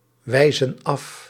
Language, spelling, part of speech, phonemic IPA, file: Dutch, wijzen af, verb, /ˈwɛizə(n) ˈɑf/, Nl-wijzen af.ogg
- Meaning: inflection of afwijzen: 1. plural present indicative 2. plural present subjunctive